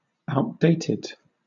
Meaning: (adjective) 1. Out of date, old-fashioned, antiquated 2. Out of date; not the latest; obsolete; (verb) simple past and past participle of outdate
- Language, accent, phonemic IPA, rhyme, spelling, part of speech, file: English, Southern England, /aʊtˈdeɪtɪd/, -eɪtɪd, outdated, adjective / verb, LL-Q1860 (eng)-outdated.wav